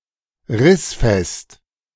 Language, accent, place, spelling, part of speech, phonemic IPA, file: German, Germany, Berlin, rissfest, adjective, /ˈʁɪsfɛst/, De-rissfest.ogg
- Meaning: tear-resistant